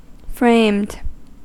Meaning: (adjective) 1. Having, or enclosed in, a frame 2. Falsely implicated via fabricated evidence; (verb) simple past and past participle of frame
- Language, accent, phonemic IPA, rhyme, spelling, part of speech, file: English, US, /fɹeɪmd/, -eɪmd, framed, adjective / verb, En-us-framed.ogg